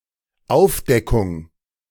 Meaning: 1. uncovering, discovery 2. revelation, disclosure
- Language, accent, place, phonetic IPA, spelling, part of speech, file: German, Germany, Berlin, [ˈaʊ̯fˌdɛkʊŋ], Aufdeckung, noun, De-Aufdeckung.ogg